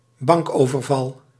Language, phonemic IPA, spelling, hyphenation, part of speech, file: Dutch, /ˈbɑŋk.oː.vərˌvɑl/, bankoverval, bank‧over‧val, noun, Nl-bankoverval.ogg
- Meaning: bank robbery